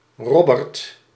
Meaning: a male given name
- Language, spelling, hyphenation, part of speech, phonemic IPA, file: Dutch, Robbert, Rob‧bert, proper noun, /ˈrɔ.bərt/, Nl-Robbert.ogg